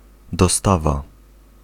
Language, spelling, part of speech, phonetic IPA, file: Polish, dostawa, noun, [dɔˈstava], Pl-dostawa.ogg